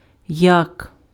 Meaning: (adverb) how; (conjunction) 1. as, like 2. than 3. if, in case; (noun) yak
- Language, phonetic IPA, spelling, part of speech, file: Ukrainian, [jak], як, adverb / conjunction / noun, Uk-як.ogg